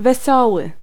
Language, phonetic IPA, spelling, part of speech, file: Polish, [vɛˈsɔwɨ], wesoły, adjective, Pl-wesoły.ogg